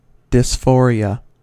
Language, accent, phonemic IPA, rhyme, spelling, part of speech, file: English, US, /dɪsˈfɔːɹi.ə/, -ɔːɹiə, dysphoria, noun, En-us-dysphoria.ogg
- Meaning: 1. A state of feeling unwell or unhappy; a feeling of emotional and mental discomfort and suffering from restlessness, malaise, depression, or anxiety 2. Ellipsis of gender dysphoria